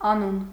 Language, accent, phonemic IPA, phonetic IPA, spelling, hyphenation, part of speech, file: Armenian, Eastern Armenian, /ɑˈnun/, [ɑnún], անուն, ա‧նուն, noun, Hy-անուն.ogg
- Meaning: 1. name 2. given name, first name 3. title, denomination 4. prestige